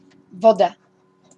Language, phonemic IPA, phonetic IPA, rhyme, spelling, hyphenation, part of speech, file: Slovak, /vɔda/, [ˈʋɔda], -ɔda, voda, vo‧da, noun, SK-voda.ogg
- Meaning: water